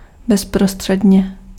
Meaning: immediately
- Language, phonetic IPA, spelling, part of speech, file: Czech, [ˈbɛsprostr̝̊ɛdɲɛ], bezprostředně, adverb, Cs-bezprostředně.ogg